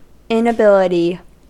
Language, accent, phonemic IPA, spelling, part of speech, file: English, US, /ˌɪnəˈbɪlɪti/, inability, noun, En-us-inability.ogg
- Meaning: 1. Lack of the ability to do something; incapability 2. Lack of the option to do something; powerlessness